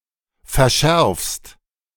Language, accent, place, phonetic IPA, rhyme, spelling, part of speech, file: German, Germany, Berlin, [fɛɐ̯ˈʃɛʁfst], -ɛʁfst, verschärfst, verb, De-verschärfst.ogg
- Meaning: second-person singular present of verschärfen